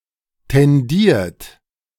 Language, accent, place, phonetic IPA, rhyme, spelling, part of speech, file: German, Germany, Berlin, [tɛnˈdiːɐ̯t], -iːɐ̯t, tendiert, verb, De-tendiert.ogg
- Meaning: 1. past participle of tendieren 2. inflection of tendieren: third-person singular present 3. inflection of tendieren: second-person plural present 4. inflection of tendieren: plural imperative